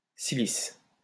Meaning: cilice (garment or undergarment made of coarse cloth)
- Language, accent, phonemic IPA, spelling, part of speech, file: French, France, /si.lis/, cilice, noun, LL-Q150 (fra)-cilice.wav